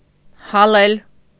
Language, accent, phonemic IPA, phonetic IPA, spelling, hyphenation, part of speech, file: Armenian, Eastern Armenian, /hɑˈlel/, [hɑlél], հալել, հա‧լել, verb, Hy-հալել.ogg
- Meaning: 1. to melt, to thaw 2. to melt, to dissolve 3. to pulverize, to powderize 4. to waste, to squander, to exhaust 5. to torment, to torture 6. alternative form of հալվել (halvel)